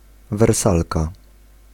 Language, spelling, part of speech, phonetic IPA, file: Polish, wersalka, noun, [vɛrˈsalka], Pl-wersalka.ogg